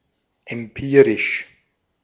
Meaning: empirical
- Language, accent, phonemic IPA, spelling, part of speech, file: German, Austria, /ɛmˈpiː.ʁɪʃ/, empirisch, adjective, De-at-empirisch.ogg